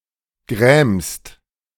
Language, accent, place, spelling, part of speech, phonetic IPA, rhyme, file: German, Germany, Berlin, grämst, verb, [ɡʁɛːmst], -ɛːmst, De-grämst.ogg
- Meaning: second-person singular present of grämen